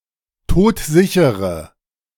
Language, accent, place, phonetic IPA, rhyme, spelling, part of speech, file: German, Germany, Berlin, [ˈtoːtˈzɪçəʁə], -ɪçəʁə, todsichere, adjective, De-todsichere.ogg
- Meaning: inflection of todsicher: 1. strong/mixed nominative/accusative feminine singular 2. strong nominative/accusative plural 3. weak nominative all-gender singular